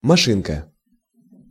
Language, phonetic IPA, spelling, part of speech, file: Russian, [mɐˈʂɨnkə], машинка, noun, Ru-машинка.ogg
- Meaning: 1. endearing diminutive of маши́на (mašína): small car, machine or mechanism 2. miniature or toy car 3. small device for accomplishing work (e.g. typewriter, washing machine, clipper, etc.)